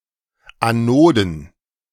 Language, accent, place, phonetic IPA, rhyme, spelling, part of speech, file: German, Germany, Berlin, [aˈnoːdn̩], -oːdn̩, Anoden, noun, De-Anoden.ogg
- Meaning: plural of Anode